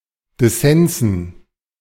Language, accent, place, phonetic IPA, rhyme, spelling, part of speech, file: German, Germany, Berlin, [dɪˈsɛnzn̩], -ɛnzn̩, Dissensen, noun, De-Dissensen.ogg
- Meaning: dative plural of Dissens